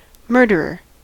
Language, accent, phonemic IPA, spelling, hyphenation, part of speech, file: English, US, /ˈmɝdɚɚ/, murderer, mur‧der‧er, noun, En-us-murderer.ogg
- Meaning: A person who commits murder